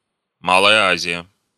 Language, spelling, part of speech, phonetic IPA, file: Russian, Малая Азия, proper noun, [ˈmaɫəjə ˈazʲɪjə], Ru-Малая Азия.ogg
- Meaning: Asia Minor